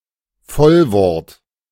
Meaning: content word
- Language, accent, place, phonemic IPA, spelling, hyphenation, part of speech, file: German, Germany, Berlin, /ˈfɔlvɔɐ̯t/, Vollwort, Voll‧wort, noun, De-Vollwort.ogg